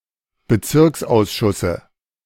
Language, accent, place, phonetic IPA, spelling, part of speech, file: German, Germany, Berlin, [bəˈt͡sɪʁksʔaʊ̯sˌʃʊsə], Bezirksausschusse, noun, De-Bezirksausschusse.ogg
- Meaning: dative singular of Bezirksausschuss